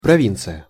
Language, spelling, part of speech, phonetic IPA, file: Russian, провинция, noun, [prɐˈvʲint͡sɨjə], Ru-провинция.ogg
- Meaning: 1. province (Ancient Rome) 2. province (administrative region) 3. area located far from the capital or large urban centers